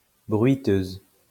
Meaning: female equivalent of bruiteur
- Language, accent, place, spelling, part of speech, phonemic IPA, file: French, France, Lyon, bruiteuse, noun, /bʁɥi.tøz/, LL-Q150 (fra)-bruiteuse.wav